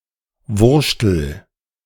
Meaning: inflection of wurschteln: 1. first-person singular present 2. singular imperative
- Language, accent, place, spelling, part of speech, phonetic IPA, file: German, Germany, Berlin, wurschtel, verb, [ˈvʊʁʃtl̩], De-wurschtel.ogg